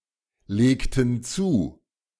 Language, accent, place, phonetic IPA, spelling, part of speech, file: German, Germany, Berlin, [ˌleːktn̩ ˈt͡suː], legten zu, verb, De-legten zu.ogg
- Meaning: inflection of zulegen: 1. first/third-person plural preterite 2. first/third-person plural subjunctive II